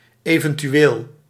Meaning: abbreviation of eventueel
- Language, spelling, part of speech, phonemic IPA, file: Dutch, evt., adverb, /ˌevəntyˈwel/, Nl-evt..ogg